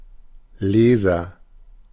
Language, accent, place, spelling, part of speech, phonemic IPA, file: German, Germany, Berlin, Leser, noun, /ˈleːzɐ/, De-Leser.ogg
- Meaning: agent noun of lesen; reader